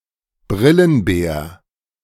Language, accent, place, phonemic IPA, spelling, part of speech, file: German, Germany, Berlin, /ˈbrɪlənbɛːɐ̯/, Brillenbär, noun, De-Brillenbär.ogg
- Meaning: spectacled bear (Tremarctos ornatus)